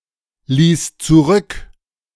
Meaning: first/third-person singular preterite of zurücklassen
- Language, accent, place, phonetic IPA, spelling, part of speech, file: German, Germany, Berlin, [ˌliːs t͡suˈʁʏk], ließ zurück, verb, De-ließ zurück.ogg